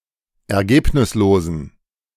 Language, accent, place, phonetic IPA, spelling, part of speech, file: German, Germany, Berlin, [ɛɐ̯ˈɡeːpnɪsloːzn̩], ergebnislosen, adjective, De-ergebnislosen.ogg
- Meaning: inflection of ergebnislos: 1. strong genitive masculine/neuter singular 2. weak/mixed genitive/dative all-gender singular 3. strong/weak/mixed accusative masculine singular 4. strong dative plural